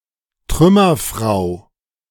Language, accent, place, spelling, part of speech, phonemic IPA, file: German, Germany, Berlin, Trümmerfrau, noun, /ˈtʁʏmɐˌfʁaʊ̯/, De-Trümmerfrau.ogg
- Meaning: woman who helped to rebuild German and Austrian cities after World War II